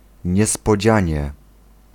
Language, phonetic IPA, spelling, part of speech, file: Polish, [ˌɲɛspɔˈd͡ʑä̃ɲɛ], niespodzianie, adverb, Pl-niespodzianie.ogg